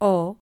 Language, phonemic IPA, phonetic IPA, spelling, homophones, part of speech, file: Galician, /o/, [ʊ], o, ó, article / pronoun / character / noun, Gl-o.ogg
- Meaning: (article) masculine singular definite article; the; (pronoun) accusative of el; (character) The fourteenth letter of the Galician alphabet, written in the Latin script